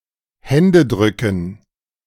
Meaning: dative plural of Händedruck
- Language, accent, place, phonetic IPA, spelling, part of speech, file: German, Germany, Berlin, [ˈhɛndəˌdʁʏkn̩], Händedrücken, noun, De-Händedrücken.ogg